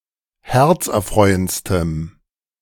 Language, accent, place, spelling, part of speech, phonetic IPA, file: German, Germany, Berlin, herzerfreuendstem, adjective, [ˈhɛʁt͡sʔɛɐ̯ˌfʁɔɪ̯ənt͡stəm], De-herzerfreuendstem.ogg
- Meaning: strong dative masculine/neuter singular superlative degree of herzerfreuend